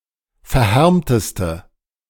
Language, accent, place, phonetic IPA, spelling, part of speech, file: German, Germany, Berlin, [fɛɐ̯ˈhɛʁmtəstə], verhärmteste, adjective, De-verhärmteste.ogg
- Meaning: inflection of verhärmt: 1. strong/mixed nominative/accusative feminine singular superlative degree 2. strong nominative/accusative plural superlative degree